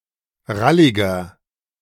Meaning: 1. comparative degree of rallig 2. inflection of rallig: strong/mixed nominative masculine singular 3. inflection of rallig: strong genitive/dative feminine singular
- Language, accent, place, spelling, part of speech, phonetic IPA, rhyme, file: German, Germany, Berlin, ralliger, adjective, [ˈʁalɪɡɐ], -alɪɡɐ, De-ralliger.ogg